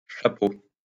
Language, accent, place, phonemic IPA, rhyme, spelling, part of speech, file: French, France, Lyon, /ʃa.po/, -o, chapeaux, noun, LL-Q150 (fra)-chapeaux.wav
- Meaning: plural of chapeau